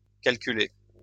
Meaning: inflection of calculer: 1. second-person plural present indicative 2. second-person plural imperative
- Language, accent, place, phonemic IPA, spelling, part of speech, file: French, France, Lyon, /kal.ky.le/, calculez, verb, LL-Q150 (fra)-calculez.wav